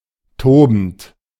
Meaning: present participle of toben
- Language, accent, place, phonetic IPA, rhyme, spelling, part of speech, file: German, Germany, Berlin, [ˈtoːbn̩t], -oːbn̩t, tobend, verb, De-tobend.ogg